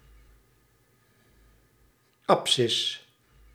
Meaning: abscissa, absciss (the first of two coordinates in a rectilinear coordinate system)
- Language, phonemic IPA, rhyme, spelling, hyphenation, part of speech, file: Dutch, /ɑpˈsɪs/, -ɪs, abscis, ab‧scis, noun, Nl-abscis.ogg